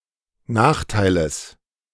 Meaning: genitive of Nachteil
- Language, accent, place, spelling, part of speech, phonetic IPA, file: German, Germany, Berlin, Nachteiles, noun, [ˈnaːxtaɪ̯ləs], De-Nachteiles.ogg